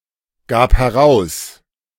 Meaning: first/third-person singular preterite of herausgeben
- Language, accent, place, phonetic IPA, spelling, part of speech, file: German, Germany, Berlin, [ˌɡaːp hɛˈʁaʊ̯s], gab heraus, verb, De-gab heraus.ogg